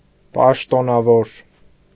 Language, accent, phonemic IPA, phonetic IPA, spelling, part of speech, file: Armenian, Eastern Armenian, /pɑʃtonɑˈvoɾ/, [pɑʃtonɑvóɾ], պաշտոնավոր, adjective / noun, Hy-պաշտոնավոր.ogg
- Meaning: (adjective) official